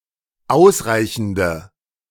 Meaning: inflection of ausreichend: 1. strong/mixed nominative/accusative feminine singular 2. strong nominative/accusative plural 3. weak nominative all-gender singular
- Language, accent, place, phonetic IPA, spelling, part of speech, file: German, Germany, Berlin, [ˈaʊ̯sˌʁaɪ̯çn̩də], ausreichende, adjective, De-ausreichende.ogg